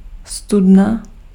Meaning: well (hole being a source of water)
- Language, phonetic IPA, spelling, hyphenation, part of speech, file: Czech, [ˈstudna], studna, stud‧na, noun, Cs-studna.ogg